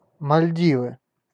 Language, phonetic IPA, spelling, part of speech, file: Russian, [mɐlʲˈdʲivɨ], Мальдивы, proper noun, Ru-Мальдивы.ogg
- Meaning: Maldives (a country and archipelago of South Asia in the Indian Ocean)